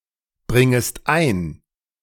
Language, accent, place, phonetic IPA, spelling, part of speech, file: German, Germany, Berlin, [ˌbʁɪŋəst ˈaɪ̯n], bringest ein, verb, De-bringest ein.ogg
- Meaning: second-person singular subjunctive I of einbringen